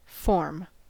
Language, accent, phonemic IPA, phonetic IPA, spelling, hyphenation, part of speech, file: English, US, /fɔɹm/, [fo̞ɹm], form, form, noun / verb, En-us-form.ogg
- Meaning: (noun) To do with shape.: 1. The shape or visible structure of a thing or person 2. A thing that gives shape to other things as in a mold 3. Regularity, beauty, or elegance